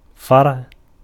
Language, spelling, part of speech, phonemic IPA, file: Arabic, فرع, verb / noun, /farʕ/, Ar-فرع.ogg
- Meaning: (verb) 1. to ascend, to mount, to overtop; to descend 2. to excel, to surpass, to outdo 3. to branch out 4. to derive, to deduce 5. to slaughter for offering, to sacrifice (a فَرَع (faraʕ))